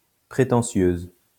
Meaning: feminine singular of prétentieux
- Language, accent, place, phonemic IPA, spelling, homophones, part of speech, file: French, France, Lyon, /pʁe.tɑ̃.sjøz/, prétentieuse, prétentieuses, adjective, LL-Q150 (fra)-prétentieuse.wav